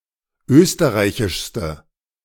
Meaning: inflection of österreichisch: 1. strong/mixed nominative/accusative feminine singular superlative degree 2. strong nominative/accusative plural superlative degree
- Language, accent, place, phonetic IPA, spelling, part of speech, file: German, Germany, Berlin, [ˈøːstəʁaɪ̯çɪʃstə], österreichischste, adjective, De-österreichischste.ogg